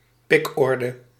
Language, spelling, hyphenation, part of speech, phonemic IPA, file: Dutch, pikorde, pik‧or‧de, noun, /ˈpɪkˌɔr.də/, Nl-pikorde.ogg
- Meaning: 1. pecking order 2. pecking order, hierarchy, ranking